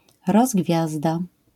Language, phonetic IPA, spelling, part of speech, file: Polish, [rɔzˈɡvʲjazda], rozgwiazda, noun, LL-Q809 (pol)-rozgwiazda.wav